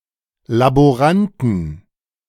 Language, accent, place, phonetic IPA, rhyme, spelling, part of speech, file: German, Germany, Berlin, [laboˈʁantn̩], -antn̩, Laboranten, noun, De-Laboranten.ogg
- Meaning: plural of Laborant